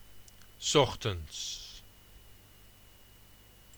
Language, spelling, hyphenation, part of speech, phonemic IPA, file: Dutch, 's ochtends, 's och‧tends, adverb, /ˈsɔx.(t)ən(t)s/, S-ochtends.ogg
- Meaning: in the morning